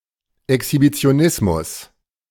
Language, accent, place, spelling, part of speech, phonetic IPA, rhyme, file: German, Germany, Berlin, Exhibitionismus, noun, [ɛkshibit͡si̯oˈnɪsmʊs], -ɪsmʊs, De-Exhibitionismus.ogg
- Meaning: exhibitionism